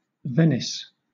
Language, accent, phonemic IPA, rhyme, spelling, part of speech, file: English, Southern England, /ˈvɛnɪs/, -ɛnɪs, Venice, proper noun, LL-Q1860 (eng)-Venice.wav
- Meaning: A port city and comune, the capital of the Metropolitan City of Venice and the region of Veneto, Italy; former capital of an independent republic